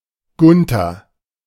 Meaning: a male given name from Old High German
- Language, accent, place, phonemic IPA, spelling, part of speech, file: German, Germany, Berlin, /ˈɡʊntɐ/, Gunther, proper noun, De-Gunther.ogg